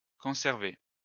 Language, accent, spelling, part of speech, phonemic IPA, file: French, France, conservé, verb, /kɔ̃.sɛʁ.ve/, LL-Q150 (fra)-conservé.wav
- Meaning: past participle of conserver